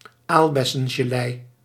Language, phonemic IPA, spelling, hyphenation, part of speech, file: Dutch, /ˈaːl.bɛ.sə(n).ʒəˌlɛi̯/, aalbessengelei, aal‧bes‧sen‧ge‧lei, noun, Nl-aalbessengelei.ogg
- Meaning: jelly made with currant (redcurrant or whitecurrant)